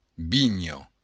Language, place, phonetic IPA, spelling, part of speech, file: Occitan, Béarn, [ˈbiɲo], vinha, noun, LL-Q14185 (oci)-vinha.wav
- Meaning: 1. vine 2. vineyard